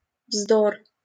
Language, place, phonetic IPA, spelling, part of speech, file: Russian, Saint Petersburg, [vzdor], вздор, noun, LL-Q7737 (rus)-вздор.wav
- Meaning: nonsense